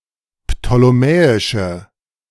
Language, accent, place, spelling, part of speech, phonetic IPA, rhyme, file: German, Germany, Berlin, ptolemäische, adjective, [ptoleˈmɛːɪʃə], -ɛːɪʃə, De-ptolemäische.ogg
- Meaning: inflection of ptolemäisch: 1. strong/mixed nominative/accusative feminine singular 2. strong nominative/accusative plural 3. weak nominative all-gender singular